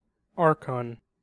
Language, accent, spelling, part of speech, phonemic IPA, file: English, US, archon, noun, /ˈɑː(ɹ)kən/, En-us-archon.ogg
- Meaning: 1. A chief magistrate of ancient Athens 2. A person who claims the right to rule, or to exercise power or sovereign authority over other human beings 3. A ruler, head of state or other leader